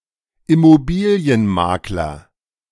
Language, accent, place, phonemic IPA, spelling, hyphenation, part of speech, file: German, Germany, Berlin, /ɪmoˈbiːli̯ənˌmaːklɐ/, Immobilienmakler, Im‧mo‧bi‧li‧en‧mak‧ler, noun, De-Immobilienmakler.ogg
- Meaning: real estate agent